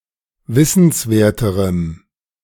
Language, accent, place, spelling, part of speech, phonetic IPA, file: German, Germany, Berlin, wissenswerterem, adjective, [ˈvɪsn̩sˌveːɐ̯təʁəm], De-wissenswerterem.ogg
- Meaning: strong dative masculine/neuter singular comparative degree of wissenswert